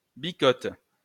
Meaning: female equivalent of bicot
- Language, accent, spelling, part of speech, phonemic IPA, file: French, France, bicotte, noun, /bi.kɔt/, LL-Q150 (fra)-bicotte.wav